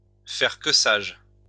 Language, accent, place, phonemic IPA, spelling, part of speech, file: French, France, Lyon, /fɛʁ kə saʒ/, faire que sage, verb, LL-Q150 (fra)-faire que sage.wav
- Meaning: to act wisely